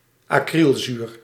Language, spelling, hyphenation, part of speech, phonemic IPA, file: Dutch, acrylzuur, acryl‧zuur, noun, /ɑˈkrilˌzyːr/, Nl-acrylzuur.ogg
- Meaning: the substance acrylic acid